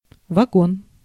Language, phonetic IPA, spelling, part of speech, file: Russian, [vɐˈɡon], вагон, noun / adverb, Ru-вагон.ogg
- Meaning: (noun) railway car, coach, railway carriage; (adverb) much/many, a lot of